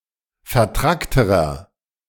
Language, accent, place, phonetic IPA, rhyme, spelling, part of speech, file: German, Germany, Berlin, [fɛɐ̯ˈtʁaktəʁɐ], -aktəʁɐ, vertrackterer, adjective, De-vertrackterer.ogg
- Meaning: inflection of vertrackt: 1. strong/mixed nominative masculine singular comparative degree 2. strong genitive/dative feminine singular comparative degree 3. strong genitive plural comparative degree